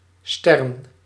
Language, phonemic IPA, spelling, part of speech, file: Dutch, /stɛrn/, stern, noun, Nl-stern.ogg
- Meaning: tern